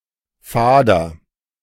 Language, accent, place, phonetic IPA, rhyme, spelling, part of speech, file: German, Germany, Berlin, [ˈfaːdɐ], -aːdɐ, fader, adjective, De-fader.ogg
- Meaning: 1. comparative degree of fade 2. inflection of fade: strong/mixed nominative masculine singular 3. inflection of fade: strong genitive/dative feminine singular